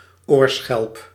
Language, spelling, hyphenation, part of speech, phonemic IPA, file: Dutch, oorschelp, oor‧schelp, noun, /ˈoːr.sxɛlp/, Nl-oorschelp.ogg
- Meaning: an auricle, a pinna